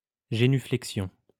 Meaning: genuflection (the act of genuflecting, in the sense of bowing down)
- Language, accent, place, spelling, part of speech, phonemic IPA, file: French, France, Lyon, génuflexion, noun, /ʒe.ny.flɛk.sjɔ̃/, LL-Q150 (fra)-génuflexion.wav